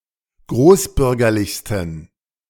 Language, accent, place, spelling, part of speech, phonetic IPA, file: German, Germany, Berlin, großbürgerlichsten, adjective, [ˈɡʁoːsˌbʏʁɡɐlɪçstn̩], De-großbürgerlichsten.ogg
- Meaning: 1. superlative degree of großbürgerlich 2. inflection of großbürgerlich: strong genitive masculine/neuter singular superlative degree